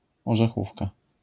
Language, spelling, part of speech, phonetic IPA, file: Polish, orzechówka, noun, [ˌɔʒɛˈxufka], LL-Q809 (pol)-orzechówka.wav